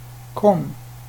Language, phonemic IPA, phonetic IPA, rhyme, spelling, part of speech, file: Swedish, /ˈkɔm/, [ˈkʰɔm], -ɔm, kom, verb / interjection, Sv-kom.ogg
- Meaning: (verb) inflection of komma: 1. past indicative 2. imperative; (interjection) over